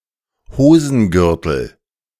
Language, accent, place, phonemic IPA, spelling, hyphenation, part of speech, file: German, Germany, Berlin, /ˈhoːzn̩ˌɡʏʁtəl/, Hosengürtel, Ho‧sen‧gür‧tel, noun, De-Hosengürtel.ogg
- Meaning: trouser belt